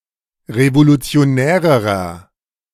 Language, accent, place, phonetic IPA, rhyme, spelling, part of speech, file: German, Germany, Berlin, [ʁevolut͡si̯oˈnɛːʁəʁɐ], -ɛːʁəʁɐ, revolutionärerer, adjective, De-revolutionärerer.ogg
- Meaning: inflection of revolutionär: 1. strong/mixed nominative masculine singular comparative degree 2. strong genitive/dative feminine singular comparative degree 3. strong genitive plural comparative degree